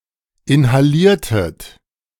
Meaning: inflection of inhalieren: 1. second-person plural preterite 2. second-person plural subjunctive II
- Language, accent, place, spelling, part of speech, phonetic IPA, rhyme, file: German, Germany, Berlin, inhaliertet, verb, [ɪnhaˈliːɐ̯tət], -iːɐ̯tət, De-inhaliertet.ogg